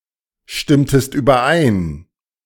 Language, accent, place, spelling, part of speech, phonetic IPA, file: German, Germany, Berlin, stimmtest überein, verb, [ˌʃtɪmtəst yːbɐˈʔaɪ̯n], De-stimmtest überein.ogg
- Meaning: inflection of übereinstimmen: 1. second-person singular preterite 2. second-person singular subjunctive II